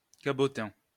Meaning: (noun) 1. ham (actor) 2. poser; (adjective) camp, overly theatrical
- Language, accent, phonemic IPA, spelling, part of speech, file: French, France, /ka.bɔ.tɛ̃/, cabotin, noun / adjective, LL-Q150 (fra)-cabotin.wav